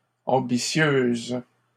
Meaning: feminine singular of ambitieux
- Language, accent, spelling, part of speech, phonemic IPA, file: French, Canada, ambitieuse, adjective, /ɑ̃.bi.sjøz/, LL-Q150 (fra)-ambitieuse.wav